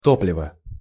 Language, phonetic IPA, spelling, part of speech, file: Russian, [ˈtoplʲɪvə], топливо, noun, Ru-топливо.ogg
- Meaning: fuel